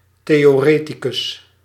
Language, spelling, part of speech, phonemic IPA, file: Dutch, theoreticus, noun, /ˌtejoˈretiˌkʏs/, Nl-theoreticus.ogg
- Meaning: theorist